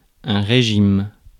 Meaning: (noun) 1. regime 2. kind of political system; regimen 3. object 4. operating mode 5. diet 6. clump of fruits on the end of a branch (in palms, bananas, etc)
- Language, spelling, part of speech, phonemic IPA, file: French, régime, noun / verb, /ʁe.ʒim/, Fr-régime.ogg